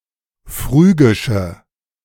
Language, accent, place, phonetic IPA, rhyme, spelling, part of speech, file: German, Germany, Berlin, [ˈfʁyːɡɪʃə], -yːɡɪʃə, phrygische, adjective, De-phrygische.ogg
- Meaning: inflection of phrygisch: 1. strong/mixed nominative/accusative feminine singular 2. strong nominative/accusative plural 3. weak nominative all-gender singular